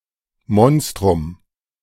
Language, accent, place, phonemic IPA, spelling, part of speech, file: German, Germany, Berlin, /ˈmɔnstʁʊm/, Monstrum, noun, De-Monstrum.ogg
- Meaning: 1. monster, a particularly cruel person 2. something of particularly large size or impressive ability